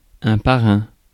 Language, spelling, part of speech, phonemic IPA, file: French, parrain, noun, /pa.ʁɛ̃/, Fr-parrain.ogg
- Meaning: 1. godfather; masculine of marraine 2. namer, christener (of a ship) 3. synonym of patron: sponsor, proposer 4. synonym of patron: boss 5. crime boss; godfather